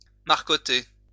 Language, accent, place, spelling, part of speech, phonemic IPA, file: French, France, Lyon, marcotter, verb, /maʁ.kɔ.te/, LL-Q150 (fra)-marcotter.wav
- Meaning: to layer